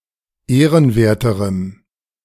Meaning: strong dative masculine/neuter singular comparative degree of ehrenwert
- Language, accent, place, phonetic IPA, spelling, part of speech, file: German, Germany, Berlin, [ˈeːʁənˌveːɐ̯təʁəm], ehrenwerterem, adjective, De-ehrenwerterem.ogg